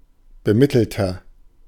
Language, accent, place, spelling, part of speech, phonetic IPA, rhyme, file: German, Germany, Berlin, bemittelter, adjective, [bəˈmɪtl̩tɐ], -ɪtl̩tɐ, De-bemittelter.ogg
- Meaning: 1. comparative degree of bemittelt 2. inflection of bemittelt: strong/mixed nominative masculine singular 3. inflection of bemittelt: strong genitive/dative feminine singular